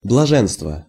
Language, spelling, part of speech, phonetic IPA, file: Russian, блаженство, noun, [bɫɐˈʐɛnstvə], Ru-блаженство.ogg
- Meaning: bliss, beatitude, felicity